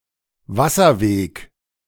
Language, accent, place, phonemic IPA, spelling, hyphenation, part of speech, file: German, Germany, Berlin, /ˈvasɐˌveːk/, Wasserweg, Was‧ser‧weg, noun, De-Wasserweg.ogg
- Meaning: waterway